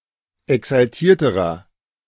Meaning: inflection of exaltiert: 1. strong/mixed nominative masculine singular comparative degree 2. strong genitive/dative feminine singular comparative degree 3. strong genitive plural comparative degree
- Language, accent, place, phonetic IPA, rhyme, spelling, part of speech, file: German, Germany, Berlin, [ɛksalˈtiːɐ̯təʁɐ], -iːɐ̯təʁɐ, exaltierterer, adjective, De-exaltierterer.ogg